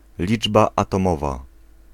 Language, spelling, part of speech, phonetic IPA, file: Polish, liczba atomowa, noun, [ˈlʲid͡ʒba ˌːtɔ̃ˈmɔva], Pl-liczba atomowa.ogg